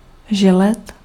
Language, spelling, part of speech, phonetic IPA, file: Czech, želet, verb, [ˈʒɛlɛt], Cs-želet.ogg
- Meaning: 1. to grieve 2. to regret